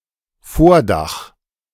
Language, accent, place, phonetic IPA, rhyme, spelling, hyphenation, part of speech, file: German, Germany, Berlin, [ˈfoːɐ̯ˌdax], -ax, Vordach, Vor‧dach, noun, De-Vordach.ogg
- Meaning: canopy